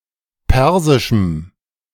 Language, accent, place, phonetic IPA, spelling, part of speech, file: German, Germany, Berlin, [ˈpɛʁzɪʃm̩], persischem, adjective, De-persischem.ogg
- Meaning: strong dative masculine/neuter singular of persisch